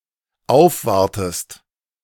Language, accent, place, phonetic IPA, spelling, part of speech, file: German, Germany, Berlin, [ˈaʊ̯fˌvaʁtəst], aufwartest, verb, De-aufwartest.ogg
- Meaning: inflection of aufwarten: 1. second-person singular dependent present 2. second-person singular dependent subjunctive I